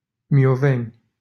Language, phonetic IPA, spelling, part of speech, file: Romanian, [mi.o.ˈvɛ.nʲ], Mioveni, proper noun, LL-Q7913 (ron)-Mioveni.wav
- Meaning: a village in Argeș County, Romania